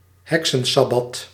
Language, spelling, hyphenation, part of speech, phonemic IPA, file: Dutch, heksensabbat, hek‧sen‧sab‧bat, noun, /ˈɦɛk.sə(n)ˌsɑ.bɑt/, Nl-heksensabbat.ogg
- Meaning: witches' Sabbath